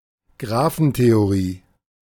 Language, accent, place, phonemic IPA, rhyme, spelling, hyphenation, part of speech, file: German, Germany, Berlin, /ˈɡʁaːfn̩teoˌʁiː/, -iː, Graphentheorie, Gra‧phen‧the‧o‧rie, noun, De-Graphentheorie.ogg
- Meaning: graph theory